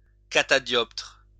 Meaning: reflector, retroreflector
- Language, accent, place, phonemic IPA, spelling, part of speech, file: French, France, Lyon, /ka.ta.djɔptʁ/, catadioptre, noun, LL-Q150 (fra)-catadioptre.wav